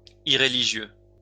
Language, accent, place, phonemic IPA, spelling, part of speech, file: French, France, Lyon, /i.ʁe.li.ʒjø/, irréligieux, adjective, LL-Q150 (fra)-irréligieux.wav
- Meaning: irreligious